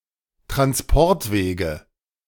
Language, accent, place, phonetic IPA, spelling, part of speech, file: German, Germany, Berlin, [tʁansˈpɔʁtˌveːɡə], Transportwege, noun, De-Transportwege.ogg
- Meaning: nominative/accusative/genitive plural of Transportweg